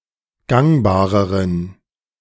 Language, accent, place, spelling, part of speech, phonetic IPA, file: German, Germany, Berlin, gangbareren, adjective, [ˈɡaŋbaːʁəʁən], De-gangbareren.ogg
- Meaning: inflection of gangbar: 1. strong genitive masculine/neuter singular comparative degree 2. weak/mixed genitive/dative all-gender singular comparative degree